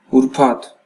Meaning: Friday
- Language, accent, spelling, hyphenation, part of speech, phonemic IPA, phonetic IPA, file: Armenian, Eastern Armenian, ուրբաթ, ուր‧բաթ, noun, /uɾˈpʰɑtʰ/, [uɾpʰɑ́tʰ], Hy-EA-ուրբաթ.ogg